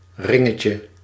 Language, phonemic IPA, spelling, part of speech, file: Dutch, /ˈrɪŋəcjə/, ringetje, noun, Nl-ringetje.ogg
- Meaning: diminutive of ring